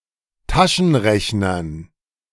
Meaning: dative plural of Taschenrechner
- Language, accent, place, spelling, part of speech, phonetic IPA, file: German, Germany, Berlin, Taschenrechnern, noun, [ˈtaʃn̩ˌʁɛçnɐn], De-Taschenrechnern.ogg